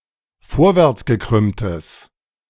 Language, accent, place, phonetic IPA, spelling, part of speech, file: German, Germany, Berlin, [ˈfoːɐ̯vɛʁt͡sɡəˌkʁʏmtəs], vorwärtsgekrümmtes, adjective, De-vorwärtsgekrümmtes.ogg
- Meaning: strong/mixed nominative/accusative neuter singular of vorwärtsgekrümmt